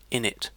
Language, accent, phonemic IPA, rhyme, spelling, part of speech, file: English, UK, /ˈɪn.ɪt/, -ɪnɪt, init, noun / verb / contraction, En-uk-init.ogg
- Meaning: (noun) Clipping of initialization; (verb) Clipping of initialize; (contraction) Alternative form of innit